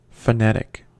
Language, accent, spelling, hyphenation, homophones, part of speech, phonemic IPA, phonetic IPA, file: English, US, phonetic, pho‧net‧ic, phenetic, adjective / noun, /fəˈnɛt.ɪk/, [fəˈnɛɾ.ɪk], En-us-phonetic.ogg
- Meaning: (adjective) 1. Relating to the sounds of spoken language 2. Relating to phones (as opposed to phonemes) 3. Relating to the spoken rather than written form of a word or name, as opposed to orthographic